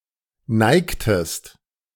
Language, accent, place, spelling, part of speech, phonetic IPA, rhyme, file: German, Germany, Berlin, neigtest, verb, [ˈnaɪ̯ktəst], -aɪ̯ktəst, De-neigtest.ogg
- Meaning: inflection of neigen: 1. second-person singular preterite 2. second-person singular subjunctive II